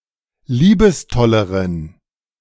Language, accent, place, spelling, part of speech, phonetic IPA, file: German, Germany, Berlin, liebestolleren, adjective, [ˈliːbəsˌtɔləʁən], De-liebestolleren.ogg
- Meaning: inflection of liebestoll: 1. strong genitive masculine/neuter singular comparative degree 2. weak/mixed genitive/dative all-gender singular comparative degree